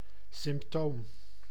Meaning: 1. a medical symptom, manifestation of a syndrome 2. an indicator, characteristic of the presence of something else
- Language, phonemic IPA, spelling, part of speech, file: Dutch, /sɪm(p)ˈtom/, symptoom, noun, Nl-symptoom.ogg